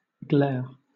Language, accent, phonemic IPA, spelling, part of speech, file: English, Southern England, /ɡlɛə/, glare, noun / verb / adjective, LL-Q1860 (eng)-glare.wav
- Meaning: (noun) 1. An intense, blinding light 2. Showy brilliance; gaudiness 3. An angry or fierce stare 4. A call collision; the situation where an incoming call occurs at the same time as an outgoing call